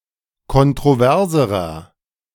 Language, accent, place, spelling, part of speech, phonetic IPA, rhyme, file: German, Germany, Berlin, kontroverserer, adjective, [kɔntʁoˈvɛʁzəʁɐ], -ɛʁzəʁɐ, De-kontroverserer.ogg
- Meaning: inflection of kontrovers: 1. strong/mixed nominative masculine singular comparative degree 2. strong genitive/dative feminine singular comparative degree 3. strong genitive plural comparative degree